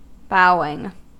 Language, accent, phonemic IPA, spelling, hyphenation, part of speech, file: English, US, /ˈboʊɪŋ/, bowing, bow‧ing, verb / noun, En-us-bowing.ogg
- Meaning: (verb) present participle and gerund of bow (all senses); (noun) 1. The act of bending at the waist, as a sign of respect or greeting 2. A bending